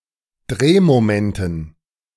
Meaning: dative plural of Drehmoment
- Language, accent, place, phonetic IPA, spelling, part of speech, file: German, Germany, Berlin, [ˈdʁeːmoˌmɛntn̩], Drehmomenten, noun, De-Drehmomenten.ogg